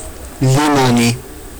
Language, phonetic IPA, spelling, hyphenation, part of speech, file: Georgian, [limo̞ni], ლიმონი, ლი‧მო‧ნი, noun, Ka-limoni.ogg
- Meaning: lemon